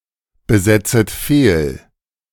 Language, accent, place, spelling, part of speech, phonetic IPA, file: German, Germany, Berlin, besetzet fehl, verb, [bəˌzɛt͡sət ˈfeːl], De-besetzet fehl.ogg
- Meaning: second-person plural subjunctive I of fehlbesetzen